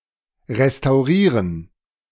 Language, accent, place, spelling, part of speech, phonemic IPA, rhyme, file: German, Germany, Berlin, restaurieren, verb, /ʁestaʊ̯ˈʁiːʁən/, -iːʁən, De-restaurieren.ogg
- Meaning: to restore